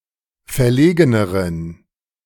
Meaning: inflection of verlegen: 1. strong genitive masculine/neuter singular comparative degree 2. weak/mixed genitive/dative all-gender singular comparative degree
- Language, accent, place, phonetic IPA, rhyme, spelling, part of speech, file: German, Germany, Berlin, [fɛɐ̯ˈleːɡənəʁən], -eːɡənəʁən, verlegeneren, adjective, De-verlegeneren.ogg